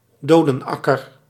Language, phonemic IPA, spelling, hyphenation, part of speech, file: Dutch, /ˈdoː.dənˌɑ.kər/, dodenakker, do‧den‧ak‧ker, noun, Nl-dodenakker.ogg
- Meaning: graveyard, churchyard